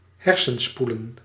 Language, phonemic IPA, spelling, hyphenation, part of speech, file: Dutch, /ˈɦɛr.sə(n)ˌspu.lə(n)/, hersenspoelen, her‧sen‧spoe‧len, verb, Nl-hersenspoelen.ogg
- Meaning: to brainwash